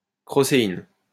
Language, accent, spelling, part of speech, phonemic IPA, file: French, France, crocéine, noun, /kʁɔ.se.in/, LL-Q150 (fra)-crocéine.wav
- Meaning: crocein